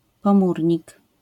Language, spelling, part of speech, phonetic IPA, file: Polish, pomurnik, noun, [pɔ̃ˈmurʲɲik], LL-Q809 (pol)-pomurnik.wav